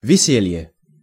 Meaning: joy, fun, merriment
- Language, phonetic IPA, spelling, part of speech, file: Russian, [vʲɪˈsʲelʲje], веселье, noun, Ru-веселье.ogg